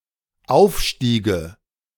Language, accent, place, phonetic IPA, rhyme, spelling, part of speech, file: German, Germany, Berlin, [ˈaʊ̯fˌʃtiːɡə], -aʊ̯fʃtiːɡə, Aufstiege, noun, De-Aufstiege.ogg
- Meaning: nominative/accusative/genitive plural of Aufstieg